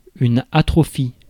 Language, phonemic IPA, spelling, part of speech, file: French, /a.tʁɔ.fi/, atrophie, noun, Fr-atrophie.ogg
- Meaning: atrophy